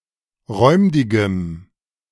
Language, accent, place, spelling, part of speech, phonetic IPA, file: German, Germany, Berlin, räumdigem, adjective, [ˈʁɔɪ̯mdɪɡəm], De-räumdigem.ogg
- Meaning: strong dative masculine/neuter singular of räumdig